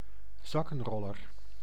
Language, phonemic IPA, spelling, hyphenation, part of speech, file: Dutch, /ˈzɑ.kə(n)ˌrɔ.lər/, zakkenroller, zak‧ken‧rol‧ler, noun, Nl-zakkenroller.ogg
- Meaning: pickpocket